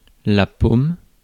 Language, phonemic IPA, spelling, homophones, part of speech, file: French, /pom/, paume, pomme, noun / verb, Fr-paume.ogg
- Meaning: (noun) 1. palm (of the hand) 2. ellipsis of jeu de paume (“real tennis”); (verb) inflection of paumer: first/third-person singular present indicative/subjunctive